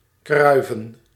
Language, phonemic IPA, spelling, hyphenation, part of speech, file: Dutch, /ˈkrœy̯.və(n)/, kruiven, krui‧ven, verb, Nl-kruiven.ogg
- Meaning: to curl